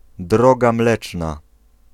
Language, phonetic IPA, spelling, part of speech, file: Polish, [ˈdrɔɡa ˈmlɛt͡ʃna], Droga Mleczna, proper noun, Pl-Droga Mleczna.ogg